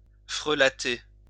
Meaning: 1. to adulterate 2. to corrupt
- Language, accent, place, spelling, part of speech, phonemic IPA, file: French, France, Lyon, frelater, verb, /fʁə.la.te/, LL-Q150 (fra)-frelater.wav